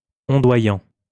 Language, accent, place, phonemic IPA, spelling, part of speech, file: French, France, Lyon, /ɔ̃.dwa.jɑ̃/, ondoyant, verb / adjective, LL-Q150 (fra)-ondoyant.wav
- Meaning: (verb) present participle of ondoyer; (adjective) undulating, rippling